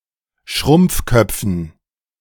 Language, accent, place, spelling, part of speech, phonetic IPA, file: German, Germany, Berlin, Schrumpfköpfen, noun, [ˈʃʁʊmp͡fˌkœp͡fn̩], De-Schrumpfköpfen.ogg
- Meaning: dative plural of Schrumpfkopf